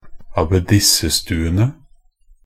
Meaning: definite plural of abbedissestue
- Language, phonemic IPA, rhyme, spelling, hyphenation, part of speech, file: Norwegian Bokmål, /abeˈdɪsːə.stʉːənə/, -ənə, abbedissestuene, ab‧bed‧is‧se‧stu‧e‧ne, noun, Nb-abbedissestuene.ogg